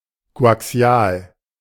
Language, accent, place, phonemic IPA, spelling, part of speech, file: German, Germany, Berlin, /koʔaˈksi̯aːl/, koaxial, adjective, De-koaxial.ogg
- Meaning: coaxial